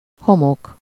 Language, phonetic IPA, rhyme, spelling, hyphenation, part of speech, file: Hungarian, [ˈhomok], -ok, homok, ho‧mok, noun, Hu-homok.ogg
- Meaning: sand (rock that is ground more finely than gravel, but is not as fine as silt, forming beaches and deserts and also used in construction)